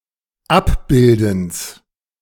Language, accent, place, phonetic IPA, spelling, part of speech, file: German, Germany, Berlin, [ˈapˌbɪldn̩s], Abbildens, noun, De-Abbildens.ogg
- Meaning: genitive of Abbilden